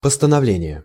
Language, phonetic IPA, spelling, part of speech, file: Russian, [pəstənɐˈvlʲenʲɪje], постановление, noun, Ru-постановление.ogg
- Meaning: 1. resolution, decision 2. decree, enactment